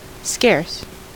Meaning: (adjective) 1. Uncommon, rare; difficult to find; insufficient to meet a demand 2. Scantily supplied (with); deficient (in); used with of; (adverb) Scarcely, only just
- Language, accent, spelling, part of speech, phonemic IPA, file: English, US, scarce, adjective / adverb, /ˈskɛɚs/, En-us-scarce.ogg